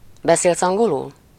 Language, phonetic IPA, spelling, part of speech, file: Hungarian, [ˈbɛseːlsɒŋɡolul], beszélsz angolul, phrase, Hu-beszélsz angolul.ogg
- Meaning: do you speak English?